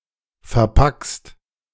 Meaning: second-person singular present of verpacken
- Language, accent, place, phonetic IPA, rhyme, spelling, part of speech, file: German, Germany, Berlin, [fɛɐ̯ˈpakst], -akst, verpackst, verb, De-verpackst.ogg